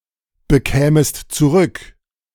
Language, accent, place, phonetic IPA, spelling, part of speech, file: German, Germany, Berlin, [bəˌkɛːməst t͡suˈʁʏk], bekämest zurück, verb, De-bekämest zurück.ogg
- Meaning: second-person singular subjunctive II of zurückbekommen